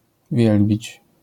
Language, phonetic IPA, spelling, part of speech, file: Polish, [ˈvʲjɛlbʲit͡ɕ], wielbić, verb, LL-Q809 (pol)-wielbić.wav